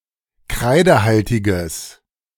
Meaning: strong/mixed nominative/accusative neuter singular of kreidehaltig
- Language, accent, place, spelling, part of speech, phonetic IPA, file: German, Germany, Berlin, kreidehaltiges, adjective, [ˈkʁaɪ̯dəˌhaltɪɡəs], De-kreidehaltiges.ogg